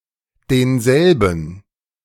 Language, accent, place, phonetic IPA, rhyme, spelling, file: German, Germany, Berlin, [deːnˈzɛlbn̩], -ɛlbn̩, denselben, De-denselben.ogg
- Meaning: 1. masculine accusative singular of derselbe 2. dative plural of derselbe